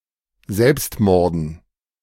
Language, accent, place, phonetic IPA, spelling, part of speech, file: German, Germany, Berlin, [ˈzɛlpstˌmɔʁdn̩], Selbstmorden, noun, De-Selbstmorden.ogg
- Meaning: dative plural of Selbstmord